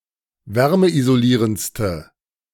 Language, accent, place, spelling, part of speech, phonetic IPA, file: German, Germany, Berlin, wärmeisolierendste, adjective, [ˈvɛʁməʔizoˌliːʁənt͡stə], De-wärmeisolierendste.ogg
- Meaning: inflection of wärmeisolierend: 1. strong/mixed nominative/accusative feminine singular superlative degree 2. strong nominative/accusative plural superlative degree